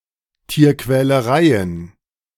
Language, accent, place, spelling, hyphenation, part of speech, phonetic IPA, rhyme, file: German, Germany, Berlin, Tierquälereien, Tier‧quä‧le‧rei‧en, noun, [tiːɐ̯kvɛləˈʁaɪ̯ən], -aɪ̯ən, De-Tierquälereien.ogg
- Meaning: plural of Tierquälerei